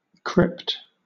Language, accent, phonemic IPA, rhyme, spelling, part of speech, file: English, Southern England, /kɹɪpt/, -ɪpt, crypt, noun, LL-Q1860 (eng)-crypt.wav
- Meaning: 1. A cave or cavern 2. An underground vault 3. An underground vault.: Especially: one beneath a church that is used as a burial chamber